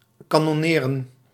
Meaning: to attack with cannons, to fire cannons (at)
- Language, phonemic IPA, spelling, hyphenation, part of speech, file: Dutch, /ˌkaː.nɔˈneː.rə(n)/, kanonneren, ka‧non‧ne‧ren, verb, Nl-kanonneren.ogg